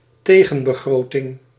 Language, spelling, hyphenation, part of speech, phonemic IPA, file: Dutch, tegenbegroting, te‧gen‧be‧gro‧ting, noun, /ˈteːɣə(n).bəˌɣroː.tɪŋ/, Nl-tegenbegroting.ogg
- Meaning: counterproposal for a budget, alternative budget plan (generally proposed by the parliamentary opposition)